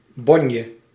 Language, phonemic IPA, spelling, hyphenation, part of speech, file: Dutch, /ˈbɔn.jə/, bonje, bon‧je, noun, Nl-bonje.ogg
- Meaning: bickering, quarrel